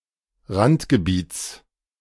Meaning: genitive of Randgebiet
- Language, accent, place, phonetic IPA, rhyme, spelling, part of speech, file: German, Germany, Berlin, [ˈʁantɡəˌbiːt͡s], -antɡəbiːt͡s, Randgebiets, noun, De-Randgebiets.ogg